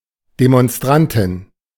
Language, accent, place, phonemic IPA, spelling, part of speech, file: German, Germany, Berlin, /demɔnˈstʁantɪn/, Demonstrantin, noun, De-Demonstrantin.ogg
- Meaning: demonstrator (female)